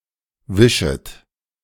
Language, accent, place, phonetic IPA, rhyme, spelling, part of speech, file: German, Germany, Berlin, [ˈvɪʃət], -ɪʃət, wischet, verb, De-wischet.ogg
- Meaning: second-person plural subjunctive I of wischen